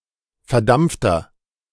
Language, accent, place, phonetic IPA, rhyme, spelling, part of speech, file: German, Germany, Berlin, [fɛɐ̯ˈdamp͡ftɐ], -amp͡ftɐ, verdampfter, adjective, De-verdampfter.ogg
- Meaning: inflection of verdampft: 1. strong/mixed nominative masculine singular 2. strong genitive/dative feminine singular 3. strong genitive plural